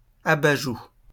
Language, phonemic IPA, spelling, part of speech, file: French, /a.ba.ʒu/, abajoue, noun, LL-Q150 (fra)-abajoue.wav
- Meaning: 1. a pouch in the cheek of some animals, usually used to carry food; a cheek pouch 2. a flabby face or cheek